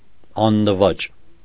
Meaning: 1. unbowed, unbroken, unconquered, unvanquished 2. unconquerable; inaccessible
- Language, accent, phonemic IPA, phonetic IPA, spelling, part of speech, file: Armenian, Eastern Armenian, /ɑnnəˈvɑt͡ʃ/, [ɑnːəvɑ́t͡ʃ], աննվաճ, adjective, Hy-աննվաճ.ogg